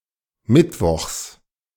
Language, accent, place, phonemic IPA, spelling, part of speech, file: German, Germany, Berlin, /ˈmɪtˌvɔxs/, mittwochs, adverb, De-mittwochs.ogg
- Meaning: 1. on Wednesdays, every Wednesday 2. on (the next or last) Wednesday